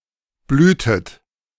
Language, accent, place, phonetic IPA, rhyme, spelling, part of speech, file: German, Germany, Berlin, [ˈblyːtət], -yːtət, blühtet, verb, De-blühtet.ogg
- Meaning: inflection of blühen: 1. second-person plural preterite 2. second-person plural subjunctive II